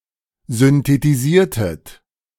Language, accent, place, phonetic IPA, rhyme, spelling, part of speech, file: German, Germany, Berlin, [zʏntetiˈziːɐ̯tət], -iːɐ̯tət, synthetisiertet, verb, De-synthetisiertet.ogg
- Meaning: inflection of synthetisieren: 1. second-person plural preterite 2. second-person plural subjunctive II